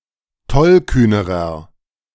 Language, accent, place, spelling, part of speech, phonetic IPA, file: German, Germany, Berlin, tollkühnerer, adjective, [ˈtɔlˌkyːnəʁɐ], De-tollkühnerer.ogg
- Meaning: inflection of tollkühn: 1. strong/mixed nominative masculine singular comparative degree 2. strong genitive/dative feminine singular comparative degree 3. strong genitive plural comparative degree